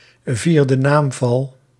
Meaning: accusative case
- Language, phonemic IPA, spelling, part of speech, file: Dutch, /ˈvirdəˌnamvɑl/, vierde naamval, noun, Nl-vierde naamval.ogg